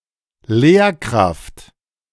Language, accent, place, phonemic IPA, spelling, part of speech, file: German, Germany, Berlin, /ˈleːrˌkraft/, Lehrkraft, noun, De-Lehrkraft.ogg
- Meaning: professional teacher (at any level from primary school to university)